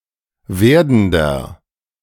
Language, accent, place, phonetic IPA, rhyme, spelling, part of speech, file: German, Germany, Berlin, [ˈveːɐ̯dn̩dɐ], -eːɐ̯dn̩dɐ, werdender, adjective, De-werdender.ogg
- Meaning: inflection of werdend: 1. strong/mixed nominative masculine singular 2. strong genitive/dative feminine singular 3. strong genitive plural